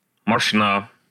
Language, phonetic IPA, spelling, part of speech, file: Russian, [mɐʂˈna], мошна, noun, Ru-мошна.ogg
- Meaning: pouch, purse